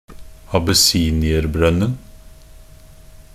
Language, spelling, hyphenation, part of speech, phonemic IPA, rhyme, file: Norwegian Bokmål, abessinierbrønnen, ab‧es‧si‧ni‧er‧brønn‧en, noun, /abəˈsiːnɪərbrœnːn̩/, -œnːn̩, Nb-abessinierbrønnen.ogg
- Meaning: definite singular of abessinierbrønn